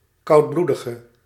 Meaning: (noun) ectothermic animal; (adjective) inflection of koudbloedig: 1. masculine/feminine singular attributive 2. definite neuter singular attributive 3. plural attributive
- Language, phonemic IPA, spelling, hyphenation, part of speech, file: Dutch, /ˌkɑu̯tˈblu.də.ɣə/, koudbloedige, koud‧bloe‧di‧ge, noun / adjective, Nl-koudbloedige.ogg